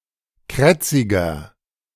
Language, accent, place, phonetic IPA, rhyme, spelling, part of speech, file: German, Germany, Berlin, [ˈkʁɛt͡sɪɡɐ], -ɛt͡sɪɡɐ, krätziger, adjective, De-krätziger.ogg
- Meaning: inflection of krätzig: 1. strong/mixed nominative masculine singular 2. strong genitive/dative feminine singular 3. strong genitive plural